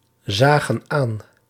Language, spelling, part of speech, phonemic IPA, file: Dutch, zagen aan, verb, /ˈzaɣə(n) ˈan/, Nl-zagen aan.ogg
- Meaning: inflection of aanzien: 1. plural past indicative 2. plural past subjunctive